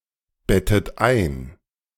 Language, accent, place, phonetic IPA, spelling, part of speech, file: German, Germany, Berlin, [ˌbɛtət ˈaɪ̯n], bettet ein, verb, De-bettet ein.ogg
- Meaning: inflection of einbetten: 1. third-person singular present 2. second-person plural present 3. second-person plural subjunctive I 4. plural imperative